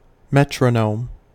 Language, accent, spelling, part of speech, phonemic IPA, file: English, US, metronome, noun, /ˈmɛt.ɹəˌnoʊm/, En-us-metronome.ogg
- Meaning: A device, containing an inverted pendulum, used to mark time by means of regular ticks at adjustable intervals; an electronic equivalent that emits flashes